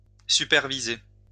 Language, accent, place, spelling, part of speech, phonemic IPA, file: French, France, Lyon, superviser, verb, /sy.pɛʁ.vi.ze/, LL-Q150 (fra)-superviser.wav
- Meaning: to supervise